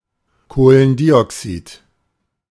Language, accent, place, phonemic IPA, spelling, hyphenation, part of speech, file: German, Germany, Berlin, /ˌkoːlənˈdiːɔksiːt/, Kohlendioxid, Koh‧len‧di‧oxid, noun, De-Kohlendioxid.ogg
- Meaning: carbon dioxide